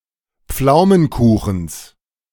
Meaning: genitive singular of Pflaumenkuchen
- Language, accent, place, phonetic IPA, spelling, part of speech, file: German, Germany, Berlin, [ˈp͡flaʊ̯mənˌkuːxn̩s], Pflaumenkuchens, noun, De-Pflaumenkuchens.ogg